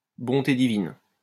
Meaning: good heavens! good grief! goodness me!
- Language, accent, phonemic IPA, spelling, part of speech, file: French, France, /bɔ̃.te di.vin/, bonté divine, interjection, LL-Q150 (fra)-bonté divine.wav